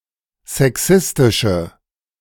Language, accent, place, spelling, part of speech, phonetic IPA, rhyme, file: German, Germany, Berlin, sexistische, adjective, [zɛˈksɪstɪʃə], -ɪstɪʃə, De-sexistische.ogg
- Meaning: inflection of sexistisch: 1. strong/mixed nominative/accusative feminine singular 2. strong nominative/accusative plural 3. weak nominative all-gender singular